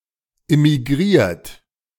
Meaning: 1. past participle of immigrieren 2. inflection of immigrieren: third-person singular present 3. inflection of immigrieren: second-person plural present 4. inflection of immigrieren: plural imperative
- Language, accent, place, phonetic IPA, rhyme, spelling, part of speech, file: German, Germany, Berlin, [ɪmiˈɡʁiːɐ̯t], -iːɐ̯t, immigriert, verb, De-immigriert.ogg